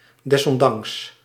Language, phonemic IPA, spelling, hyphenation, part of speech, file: Dutch, /ˌdɛs.ɔnˈdɑŋks/, desondanks, des‧on‧danks, adverb, Nl-desondanks.ogg
- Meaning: this notwithstanding, in spite of this, nevertheless